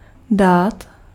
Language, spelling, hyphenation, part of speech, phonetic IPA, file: Czech, dát, dát, verb, [ˈdaːt], Cs-dát.ogg
- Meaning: 1. to give 2. to put 3. to start, to begin 4. to let, to allow 5. to have (partake of a particular substance)